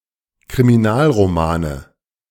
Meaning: nominative/accusative/genitive plural of Kriminalroman
- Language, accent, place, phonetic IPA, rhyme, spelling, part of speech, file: German, Germany, Berlin, [kʁimiˈnaːlʁoˌmaːnə], -aːlʁomaːnə, Kriminalromane, noun, De-Kriminalromane.ogg